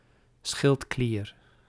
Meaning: thyroid gland
- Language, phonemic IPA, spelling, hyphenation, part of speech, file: Dutch, /ˈsxɪlt.kliːr/, schildklier, schild‧klier, noun, Nl-schildklier.ogg